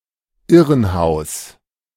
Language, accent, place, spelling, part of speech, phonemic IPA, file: German, Germany, Berlin, Irrenhaus, noun, /ˈɪʁənˌhaʊ̯s/, De-Irrenhaus.ogg
- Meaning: asylum, madhouse, insane asylum, lunatic asylum